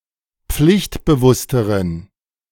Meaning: inflection of pflichtbewusst: 1. strong genitive masculine/neuter singular comparative degree 2. weak/mixed genitive/dative all-gender singular comparative degree
- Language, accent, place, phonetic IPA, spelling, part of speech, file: German, Germany, Berlin, [ˈp͡flɪçtbəˌvʊstəʁən], pflichtbewussteren, adjective, De-pflichtbewussteren.ogg